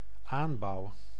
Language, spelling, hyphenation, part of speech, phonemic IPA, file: Dutch, aanbouw, aan‧bouw, noun, /ˈaːn.bɑu̯/, Nl-aanbouw.ogg
- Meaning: 1. cultivation 2. annex, extension to a building 3. construction (act of construction, state of being constructed)